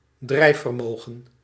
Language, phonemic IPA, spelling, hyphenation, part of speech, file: Dutch, /ˈdrɛi̯f.vərˌmoːɣə(n)/, drijfvermogen, drijf‧ver‧mo‧gen, noun, Nl-drijfvermogen.ogg
- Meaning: buoyancy, the ability to stay afloat